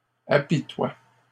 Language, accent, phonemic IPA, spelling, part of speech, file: French, Canada, /a.pi.twa/, apitoient, verb, LL-Q150 (fra)-apitoient.wav
- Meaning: third-person plural present indicative/subjunctive of apitoyer